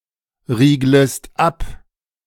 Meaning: second-person singular subjunctive I of abriegeln
- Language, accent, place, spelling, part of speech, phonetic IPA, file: German, Germany, Berlin, rieglest ab, verb, [ˌʁiːɡləst ˈap], De-rieglest ab.ogg